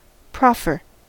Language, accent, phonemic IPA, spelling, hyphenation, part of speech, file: English, General American, /ˈpɹɑfɚ/, proffer, prof‧fer, noun / verb, En-us-proffer.ogg
- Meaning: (noun) 1. An offer made; something proposed for acceptance by another; a tender 2. An attempt, an essay; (verb) To offer for acceptance; to propose to give; to make a tender of